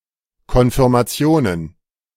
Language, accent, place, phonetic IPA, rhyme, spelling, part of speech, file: German, Germany, Berlin, [kɔnfɪʁmaˈt͡si̯oːnən], -oːnən, Konfirmationen, noun, De-Konfirmationen.ogg
- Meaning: plural of Konfirmation